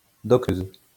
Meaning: a female doctor; feminine form of docteur
- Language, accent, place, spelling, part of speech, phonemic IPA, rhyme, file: French, France, Lyon, docteuse, noun, /dɔk.tøz/, -øz, LL-Q150 (fra)-docteuse.wav